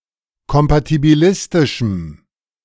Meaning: strong dative masculine/neuter singular of kompatibilistisch
- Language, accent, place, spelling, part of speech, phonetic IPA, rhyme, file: German, Germany, Berlin, kompatibilistischem, adjective, [kɔmpatibiˈlɪstɪʃm̩], -ɪstɪʃm̩, De-kompatibilistischem.ogg